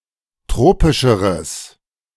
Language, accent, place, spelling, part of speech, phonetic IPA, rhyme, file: German, Germany, Berlin, tropischeres, adjective, [ˈtʁoːpɪʃəʁəs], -oːpɪʃəʁəs, De-tropischeres.ogg
- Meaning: strong/mixed nominative/accusative neuter singular comparative degree of tropisch